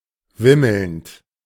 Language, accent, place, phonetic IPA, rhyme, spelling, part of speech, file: German, Germany, Berlin, [ˈvɪml̩nt], -ɪml̩nt, wimmelnd, verb, De-wimmelnd.ogg
- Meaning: present participle of wimmeln